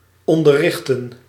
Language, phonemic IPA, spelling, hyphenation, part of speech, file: Dutch, /ˌɔn.dərˈrɪx.tə(n)/, onderrichten, on‧der‧rich‧ten, verb, Nl-onderrichten.ogg
- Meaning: to teach, to educate